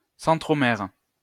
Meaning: centromere
- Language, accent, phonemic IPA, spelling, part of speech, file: French, France, /sɑ̃.tʁɔ.mɛʁ/, centromère, noun, LL-Q150 (fra)-centromère.wav